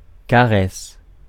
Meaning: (noun) caress; stroke; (verb) inflection of caresser: 1. first/third-person singular present indicative/subjunctive 2. second-person singular imperative
- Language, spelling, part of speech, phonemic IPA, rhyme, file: French, caresse, noun / verb, /ka.ʁɛs/, -ɛs, Fr-caresse.ogg